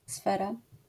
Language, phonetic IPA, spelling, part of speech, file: Polish, [ˈsfɛra], sfera, noun, LL-Q809 (pol)-sfera.wav